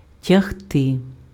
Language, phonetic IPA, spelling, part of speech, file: Ukrainian, [tʲɐɦˈtɪ], тягти, verb, Uk-тягти.ogg
- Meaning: to drag, to pull